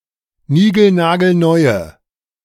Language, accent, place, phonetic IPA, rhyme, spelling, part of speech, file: German, Germany, Berlin, [ˈniːɡl̩naːɡl̩ˈnɔɪ̯ə], -ɔɪ̯ə, nigelnagelneue, adjective, De-nigelnagelneue.ogg
- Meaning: inflection of nigelnagelneu: 1. strong/mixed nominative/accusative feminine singular 2. strong nominative/accusative plural 3. weak nominative all-gender singular